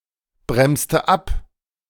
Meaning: inflection of abbremsen: 1. first/third-person singular preterite 2. first/third-person singular subjunctive II
- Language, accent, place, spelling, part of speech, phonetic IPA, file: German, Germany, Berlin, bremste ab, verb, [ˌbʁɛmstə ˈap], De-bremste ab.ogg